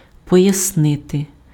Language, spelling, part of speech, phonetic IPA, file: Ukrainian, пояснити, verb, [pɔjɐsˈnɪte], Uk-пояснити.ogg
- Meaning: to explain, to explicate